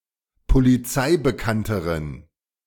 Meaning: inflection of polizeibekannt: 1. strong genitive masculine/neuter singular comparative degree 2. weak/mixed genitive/dative all-gender singular comparative degree
- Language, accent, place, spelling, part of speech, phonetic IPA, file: German, Germany, Berlin, polizeibekannteren, adjective, [poliˈt͡saɪ̯bəˌkantəʁən], De-polizeibekannteren.ogg